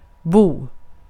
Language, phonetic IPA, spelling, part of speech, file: Swedish, [buː], bo, verb / noun, Sv-bo.ogg
- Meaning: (verb) to live, to dwell, to reside (to have permanent residence); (noun) 1. a dwelling (of an animal), especially a bird's nest 2. a home